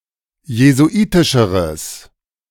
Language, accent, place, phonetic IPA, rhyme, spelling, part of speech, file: German, Germany, Berlin, [jezuˈʔiːtɪʃəʁəs], -iːtɪʃəʁəs, jesuitischeres, adjective, De-jesuitischeres.ogg
- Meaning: strong/mixed nominative/accusative neuter singular comparative degree of jesuitisch